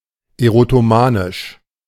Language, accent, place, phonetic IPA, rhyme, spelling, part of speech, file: German, Germany, Berlin, [eʁotoˈmaːnɪʃ], -aːnɪʃ, erotomanisch, adjective, De-erotomanisch.ogg
- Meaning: erotomanic